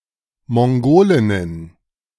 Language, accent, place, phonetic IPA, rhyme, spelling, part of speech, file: German, Germany, Berlin, [mɔŋˈɡoːlɪnən], -oːlɪnən, Mongolinnen, noun, De-Mongolinnen.ogg
- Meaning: plural of Mongolin